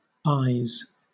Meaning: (noun) plural of aye; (verb) third-person singular simple present indicative of aye
- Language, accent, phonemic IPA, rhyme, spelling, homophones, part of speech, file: English, Southern England, /aɪz/, -aɪz, ayes, eyes, noun / verb, LL-Q1860 (eng)-ayes.wav